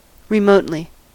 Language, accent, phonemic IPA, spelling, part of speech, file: English, US, /ɹɪˈmoʊtli/, remotely, adverb, En-us-remotely.ogg
- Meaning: 1. At a distance, far away 2. Not much; scarcely; hardly